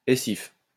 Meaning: essive, essive case
- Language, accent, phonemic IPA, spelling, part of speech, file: French, France, /e.sif/, essif, noun, LL-Q150 (fra)-essif.wav